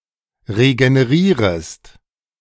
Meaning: second-person singular subjunctive I of regenerieren
- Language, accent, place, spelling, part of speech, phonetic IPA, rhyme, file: German, Germany, Berlin, regenerierest, verb, [ʁeɡəneˈʁiːʁəst], -iːʁəst, De-regenerierest.ogg